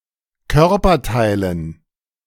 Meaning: dative plural of Körperteil
- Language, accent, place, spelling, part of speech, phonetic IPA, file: German, Germany, Berlin, Körperteilen, noun, [ˈkœʁpɐˌtaɪ̯lən], De-Körperteilen.ogg